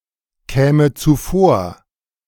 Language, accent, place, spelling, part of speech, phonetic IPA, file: German, Germany, Berlin, käme zuvor, verb, [ˌkɛːmə t͡suˈfoːɐ̯], De-käme zuvor.ogg
- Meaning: first/third-person singular subjunctive II of zuvorkommen